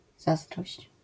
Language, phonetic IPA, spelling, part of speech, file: Polish, [ˈzazdrɔɕt͡ɕ], zazdrość, noun, LL-Q809 (pol)-zazdrość.wav